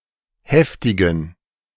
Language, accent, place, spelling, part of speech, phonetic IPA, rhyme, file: German, Germany, Berlin, heftigen, adjective, [ˈhɛftɪɡn̩], -ɛftɪɡn̩, De-heftigen.ogg
- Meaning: inflection of heftig: 1. strong genitive masculine/neuter singular 2. weak/mixed genitive/dative all-gender singular 3. strong/weak/mixed accusative masculine singular 4. strong dative plural